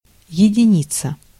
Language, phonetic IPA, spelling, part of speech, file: Russian, [(j)ɪdʲɪˈnʲit͡sə], единица, noun, Ru-единица.ogg
- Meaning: 1. one, unity (neutral element in multiplication) 2. digit 3. unit 4. one (out of five), poor; F mark, F grade 5. number one (e.g. bus, tram, trolleybus, etc.) 6. (a) few